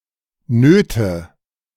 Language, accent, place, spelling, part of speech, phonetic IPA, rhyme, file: German, Germany, Berlin, Nöte, noun, [ˈnøːtə], -øːtə, De-Nöte.ogg
- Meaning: nominative/accusative/genitive plural of Not